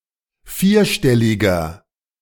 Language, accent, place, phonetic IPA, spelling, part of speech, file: German, Germany, Berlin, [ˈfiːɐ̯ˌʃtɛlɪɡɐ], vierstelliger, adjective, De-vierstelliger.ogg
- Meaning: inflection of vierstellig: 1. strong/mixed nominative masculine singular 2. strong genitive/dative feminine singular 3. strong genitive plural